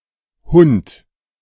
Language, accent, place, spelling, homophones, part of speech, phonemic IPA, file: German, Germany, Berlin, Hunt, Hund, noun, /hʊnt/, De-Hunt.ogg
- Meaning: minecart